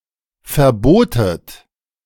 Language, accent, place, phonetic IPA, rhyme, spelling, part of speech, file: German, Germany, Berlin, [fɛɐ̯ˈboːtət], -oːtət, verbotet, verb, De-verbotet.ogg
- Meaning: second-person plural preterite of verbieten